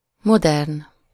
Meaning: modern
- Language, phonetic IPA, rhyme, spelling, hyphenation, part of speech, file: Hungarian, [ˈmodɛrn], -ɛrn, modern, mo‧dern, adjective, Hu-modern.ogg